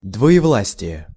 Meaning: diarchy
- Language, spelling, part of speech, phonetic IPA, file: Russian, двоевластие, noun, [dvə(j)ɪˈvɫasʲtʲɪje], Ru-двоевластие.ogg